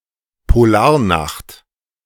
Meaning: polar night
- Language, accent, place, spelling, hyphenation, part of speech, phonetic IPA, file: German, Germany, Berlin, Polarnacht, Po‧lar‧nacht, noun, [poˈlaːɐ̯ˌnaχt], De-Polarnacht.ogg